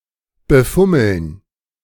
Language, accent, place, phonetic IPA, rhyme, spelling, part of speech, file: German, Germany, Berlin, [bəˈfʊml̩n], -ʊml̩n, befummeln, verb, De-befummeln.ogg
- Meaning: to feel up, to cop a feel